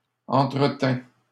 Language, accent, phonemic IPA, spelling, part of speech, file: French, Canada, /ɑ̃.tʁə.tɛ̃/, entretins, verb, LL-Q150 (fra)-entretins.wav
- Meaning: first/second-person singular past historic of entretenir